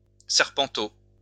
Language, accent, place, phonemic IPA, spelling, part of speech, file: French, France, Lyon, /sɛʁ.pɑ̃.to/, serpenteau, noun, LL-Q150 (fra)-serpenteau.wav
- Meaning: 1. snakeling, snakelet (a hatchling snake) 2. diminutive of serpent; a small snake, little snake, snakey 3. an iron circle with spikes to which squibs were attached, used in a breach